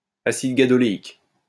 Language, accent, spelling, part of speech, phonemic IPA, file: French, France, acide gadoléique, noun, /a.sid ɡa.dɔ.le.ik/, LL-Q150 (fra)-acide gadoléique.wav
- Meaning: gadoleic acid